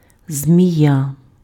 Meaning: snake, serpent
- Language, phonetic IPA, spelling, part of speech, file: Ukrainian, [zʲmʲiˈja], змія, noun, Uk-змія.ogg